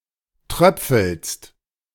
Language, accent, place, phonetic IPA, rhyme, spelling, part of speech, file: German, Germany, Berlin, [ˈtʁœp͡fl̩st], -œp͡fl̩st, tröpfelst, verb, De-tröpfelst.ogg
- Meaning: second-person singular present of tröpfeln